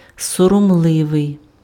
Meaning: 1. modest, demure, reserved 2. shy, bashful, self-conscious, sheepish
- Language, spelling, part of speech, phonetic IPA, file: Ukrainian, соромливий, adjective, [sɔrɔmˈɫɪʋei̯], Uk-соромливий.ogg